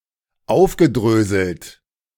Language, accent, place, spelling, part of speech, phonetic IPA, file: German, Germany, Berlin, aufgedröselt, verb, [ˈaʊ̯fɡəˌdʁøːzl̩t], De-aufgedröselt.ogg
- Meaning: past participle of aufdröseln